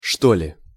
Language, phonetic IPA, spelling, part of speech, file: Russian, [ˈʂto‿lʲɪ], что ли, phrase, Ru-что ли.ogg
- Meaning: or something, perhaps, maybe, as if (or something like that - usually used in a question)